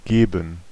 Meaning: 1. to give (changing ownership) 2. to hand, to pass, to put within reach
- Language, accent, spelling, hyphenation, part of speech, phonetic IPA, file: German, Germany, geben, ge‧ben, verb, [ˈɡeːbm̩], De-geben.ogg